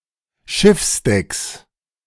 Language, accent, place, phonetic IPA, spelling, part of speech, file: German, Germany, Berlin, [ˈʃɪfsˌdɛks], Schiffsdecks, noun, De-Schiffsdecks.ogg
- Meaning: plural of Schiffsdeck